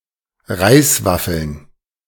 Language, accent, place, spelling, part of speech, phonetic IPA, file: German, Germany, Berlin, Reiswaffeln, noun, [ˈʁaɪ̯sˌvafl̩n], De-Reiswaffeln.ogg
- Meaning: plural of Reiswaffel